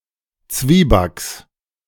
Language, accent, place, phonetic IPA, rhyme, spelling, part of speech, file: German, Germany, Berlin, [ˈt͡sviːbaks], -iːbaks, Zwiebacks, noun, De-Zwiebacks.ogg
- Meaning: genitive singular of Zwieback